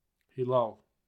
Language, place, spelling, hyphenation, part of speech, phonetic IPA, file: Azerbaijani, Baku, hilal, hi‧lal, noun, [hiˈlɑl], Az-az-hilal.ogg
- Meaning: crescent